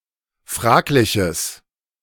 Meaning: strong/mixed nominative/accusative neuter singular of fraglich
- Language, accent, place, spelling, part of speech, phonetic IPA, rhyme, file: German, Germany, Berlin, fragliches, adjective, [ˈfʁaːklɪçəs], -aːklɪçəs, De-fragliches.ogg